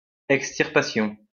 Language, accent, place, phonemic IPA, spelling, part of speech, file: French, France, Lyon, /ɛk.stiʁ.pa.sjɔ̃/, extirpation, noun, LL-Q150 (fra)-extirpation.wav
- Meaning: extirpation